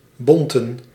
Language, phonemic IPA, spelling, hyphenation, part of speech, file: Dutch, /ˈbɔn.tə(n)/, bonten, bon‧ten, adjective, Nl-bonten.ogg
- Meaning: fur (consisting or made of fur)